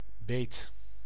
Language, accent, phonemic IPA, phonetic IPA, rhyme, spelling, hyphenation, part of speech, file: Dutch, Netherlands, /beːt/, [beɪ̯t], -eːt, beet, beet, noun / verb, Nl-beet.ogg
- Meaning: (noun) 1. bite 2. alternative form of biet; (verb) singular past indicative of bijten